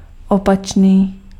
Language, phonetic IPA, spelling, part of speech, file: Czech, [ˈopat͡ʃniː], opačný, adjective, Cs-opačný.ogg
- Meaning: opposite